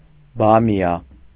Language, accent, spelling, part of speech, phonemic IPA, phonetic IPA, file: Armenian, Eastern Armenian, բամիա, noun, /bɑmiˈɑ/, [bɑmjɑ́], Hy-բամիա.ogg
- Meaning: okra, gumbo, Abelmoschus esculentus